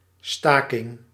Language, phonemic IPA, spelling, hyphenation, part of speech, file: Dutch, /ˈstaː.kɪŋ/, staking, sta‧king, noun, Nl-staking.ogg
- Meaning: 1. strike (work stoppage) 2. cessation, delay, the act of ending or delaying something 3. deadlock, tie in voting